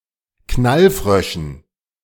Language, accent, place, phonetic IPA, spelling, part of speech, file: German, Germany, Berlin, [ˈknalˌfʁœʃn̩], Knallfröschen, noun, De-Knallfröschen.ogg
- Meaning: dative plural of Knallfrosch